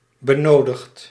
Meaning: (adjective) required, necessary; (verb) past participle of benodigen
- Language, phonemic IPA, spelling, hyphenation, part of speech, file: Dutch, /bəˈnoː.dəxt/, benodigd, be‧no‧digd, adjective / verb, Nl-benodigd.ogg